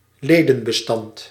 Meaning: 1. membership 2. file(s) containing data about all members of an organisation
- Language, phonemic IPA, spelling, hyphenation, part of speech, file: Dutch, /ˈleː.də(n).bəˌstɑnt/, ledenbestand, le‧den‧be‧stand, noun, Nl-ledenbestand.ogg